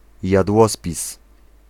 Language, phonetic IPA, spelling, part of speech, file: Polish, [jadˈwɔspʲis], jadłospis, noun, Pl-jadłospis.ogg